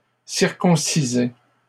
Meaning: first/second-person singular imperfect indicative of circoncire
- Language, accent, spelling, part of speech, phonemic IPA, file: French, Canada, circoncisais, verb, /siʁ.kɔ̃.si.zɛ/, LL-Q150 (fra)-circoncisais.wav